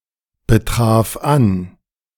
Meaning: first/third-person singular preterite of anbetreffen
- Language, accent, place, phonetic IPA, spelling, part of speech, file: German, Germany, Berlin, [bəˌtʁaːf ˈan], betraf an, verb, De-betraf an.ogg